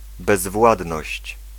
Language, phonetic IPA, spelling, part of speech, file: Polish, [bɛzˈvwadnɔɕt͡ɕ], bezwładność, noun, Pl-bezwładność.ogg